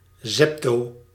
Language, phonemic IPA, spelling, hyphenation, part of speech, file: Dutch, /ˈzɛp.toː-/, zepto-, zep‧to-, prefix, Nl-zepto-.ogg
- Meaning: zepto- (10⁻²¹)